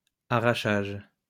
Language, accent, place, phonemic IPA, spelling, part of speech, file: French, France, Lyon, /a.ʁa.ʃaʒ/, arrachage, noun, LL-Q150 (fra)-arrachage.wav
- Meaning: 1. lifting (of potatoes etc) 2. weeding